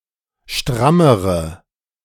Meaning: inflection of stramm: 1. strong/mixed nominative/accusative feminine singular comparative degree 2. strong nominative/accusative plural comparative degree
- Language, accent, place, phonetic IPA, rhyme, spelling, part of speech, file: German, Germany, Berlin, [ˈʃtʁaməʁə], -aməʁə, strammere, adjective, De-strammere.ogg